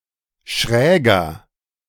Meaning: inflection of schräg: 1. strong/mixed nominative masculine singular 2. strong genitive/dative feminine singular 3. strong genitive plural
- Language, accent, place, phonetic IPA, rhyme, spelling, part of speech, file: German, Germany, Berlin, [ˈʃʁɛːɡɐ], -ɛːɡɐ, schräger, adjective, De-schräger.ogg